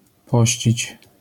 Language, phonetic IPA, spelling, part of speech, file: Polish, [ˈpɔɕt͡ɕit͡ɕ], pościć, verb, LL-Q809 (pol)-pościć.wav